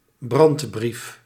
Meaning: urgent letter to an organisation or (figure of) authority asserting an emergency situation
- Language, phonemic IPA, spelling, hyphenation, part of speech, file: Dutch, /ˈbrɑnt.brif/, brandbrief, brand‧brief, noun, Nl-brandbrief.ogg